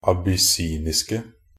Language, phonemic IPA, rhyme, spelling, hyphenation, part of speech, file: Norwegian Bokmål, /abʏˈsiːnɪskə/, -ɪskə, abyssiniske, ab‧ys‧sin‧is‧ke, adjective, Nb-abyssiniske.ogg
- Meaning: 1. definite singular of abyssinisk 2. plural of abyssinisk